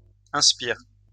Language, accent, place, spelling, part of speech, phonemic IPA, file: French, France, Lyon, inspires, verb, /ɛ̃s.piʁ/, LL-Q150 (fra)-inspires.wav
- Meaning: second-person singular present indicative/subjunctive of inspirer